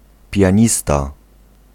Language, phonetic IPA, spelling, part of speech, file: Polish, [pʲjä̃ˈɲista], pianista, noun, Pl-pianista.ogg